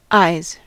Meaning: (noun) plural of eye; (verb) third-person singular simple present indicative of eye
- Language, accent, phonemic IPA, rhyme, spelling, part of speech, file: English, US, /aɪz/, -aɪz, eyes, noun / verb, En-us-eyes.ogg